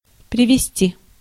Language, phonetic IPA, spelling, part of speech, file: Russian, [prʲɪvʲɪˈsʲtʲi], привезти, verb, Ru-привезти.ogg
- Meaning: to bring, to fetch (to transport toward someone/somewhere by vehicle)